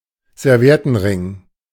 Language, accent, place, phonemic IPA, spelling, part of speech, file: German, Germany, Berlin, /zɛʁˈvi̯ɛtn̩ˌʁɪŋ/, Serviettenring, noun, De-Serviettenring.ogg
- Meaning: napkin ring